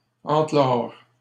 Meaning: 1. to enclose 2. to fortify
- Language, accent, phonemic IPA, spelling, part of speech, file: French, Canada, /ɑ̃.klɔʁ/, enclore, verb, LL-Q150 (fra)-enclore.wav